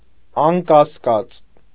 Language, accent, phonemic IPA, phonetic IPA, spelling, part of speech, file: Armenian, Eastern Armenian, /ɑnkɑsˈkɑt͡s/, [ɑŋkɑskɑ́t͡s], անկասկած, adverb, Hy-անկասկած.ogg
- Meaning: certainly, surely